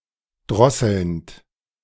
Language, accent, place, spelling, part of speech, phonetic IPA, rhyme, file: German, Germany, Berlin, drosselnd, verb, [ˈdʁɔsl̩nt], -ɔsl̩nt, De-drosselnd.ogg
- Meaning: present participle of drosseln